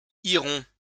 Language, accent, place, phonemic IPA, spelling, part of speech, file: French, France, Lyon, /i.ʁɔ̃/, irons, verb, LL-Q150 (fra)-irons.wav
- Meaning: first-person plural future of aller